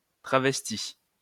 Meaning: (noun) transvestite; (verb) past participle of travestir
- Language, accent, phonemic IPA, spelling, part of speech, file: French, France, /tʁa.vɛs.ti/, travesti, noun / verb, LL-Q150 (fra)-travesti.wav